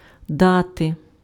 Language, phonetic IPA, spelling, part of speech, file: Ukrainian, [ˈdate], дати, verb / noun, Uk-дати.ogg
- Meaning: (verb) 1. to give 2. to organize 3. to let, to allow 4. to beat, to hit, to pound 5. to estimate someone's age by their looks 6. to put out, to consent to sex 7. to betroth